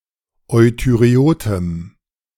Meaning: strong dative masculine/neuter singular of euthyreot
- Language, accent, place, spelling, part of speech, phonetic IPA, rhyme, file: German, Germany, Berlin, euthyreotem, adjective, [ˌɔɪ̯tyʁeˈoːtəm], -oːtəm, De-euthyreotem.ogg